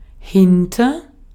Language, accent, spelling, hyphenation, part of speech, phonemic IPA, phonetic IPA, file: German, Austria, hinter, hin‧ter, preposition / adverb, /ˈhɪntər/, [ˈhɪn.tɐ], De-at-hinter.ogg
- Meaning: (preposition) 1. behind, after 2. after (in pursuit of) 3. beyond (further away than); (adverb) over; to some place fairly nearby